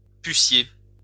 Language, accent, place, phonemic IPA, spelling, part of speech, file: French, France, Lyon, /py.sje/, pucier, noun, LL-Q150 (fra)-pucier.wav
- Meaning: bed; sleep